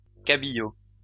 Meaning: belaying pin
- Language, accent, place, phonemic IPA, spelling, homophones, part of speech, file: French, France, Lyon, /ka.bi.jo/, cabillot, cabillaud, noun, LL-Q150 (fra)-cabillot.wav